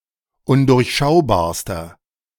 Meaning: inflection of undurchschaubar: 1. strong/mixed nominative masculine singular superlative degree 2. strong genitive/dative feminine singular superlative degree
- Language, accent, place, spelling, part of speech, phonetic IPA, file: German, Germany, Berlin, undurchschaubarster, adjective, [ˈʊndʊʁçˌʃaʊ̯baːɐ̯stɐ], De-undurchschaubarster.ogg